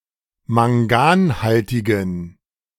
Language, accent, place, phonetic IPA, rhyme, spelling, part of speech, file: German, Germany, Berlin, [maŋˈɡaːnˌhaltɪɡn̩], -aːnhaltɪɡn̩, manganhaltigen, adjective, De-manganhaltigen.ogg
- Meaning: inflection of manganhaltig: 1. strong genitive masculine/neuter singular 2. weak/mixed genitive/dative all-gender singular 3. strong/weak/mixed accusative masculine singular 4. strong dative plural